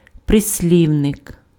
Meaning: adverb (lexical category)
- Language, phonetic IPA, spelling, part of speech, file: Ukrainian, [presʲˈlʲiu̯nek], прислівник, noun, Uk-прислівник.ogg